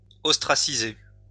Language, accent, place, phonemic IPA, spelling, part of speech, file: French, France, Lyon, /ɔs.tʁa.si.ze/, ostraciser, verb, LL-Q150 (fra)-ostraciser.wav
- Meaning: to ostracize